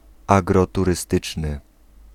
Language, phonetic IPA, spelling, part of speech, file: Polish, [ˌaɡrɔturɨˈstɨt͡ʃnɨ], agroturystyczny, adjective, Pl-agroturystyczny.ogg